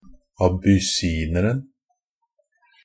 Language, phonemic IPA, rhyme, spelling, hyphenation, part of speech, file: Norwegian Bokmål, /abʏˈsiːnərn̩/, -ərn̩, abyssineren, a‧bys‧sin‧er‧en, noun, NB - Pronunciation of Norwegian Bokmål «abyssineren».ogg
- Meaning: definite singular of abyssiner